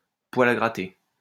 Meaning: itching powder
- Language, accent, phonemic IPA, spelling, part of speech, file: French, France, /pwa.l‿a ɡʁa.te/, poil à gratter, noun, LL-Q150 (fra)-poil à gratter.wav